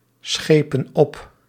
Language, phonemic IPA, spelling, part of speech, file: Dutch, /ˈsxepə(n) ˈɔp/, schepen op, verb, Nl-schepen op.ogg
- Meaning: inflection of opschepen: 1. plural present indicative 2. plural present subjunctive